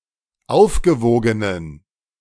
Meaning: inflection of aufgewogen: 1. strong genitive masculine/neuter singular 2. weak/mixed genitive/dative all-gender singular 3. strong/weak/mixed accusative masculine singular 4. strong dative plural
- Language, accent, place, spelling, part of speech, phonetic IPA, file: German, Germany, Berlin, aufgewogenen, adjective, [ˈaʊ̯fɡəˌvoːɡənən], De-aufgewogenen.ogg